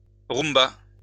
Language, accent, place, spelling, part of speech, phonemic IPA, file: French, France, Lyon, rumba, noun, /ʁum.ba/, LL-Q150 (fra)-rumba.wav
- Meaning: rumba (dance)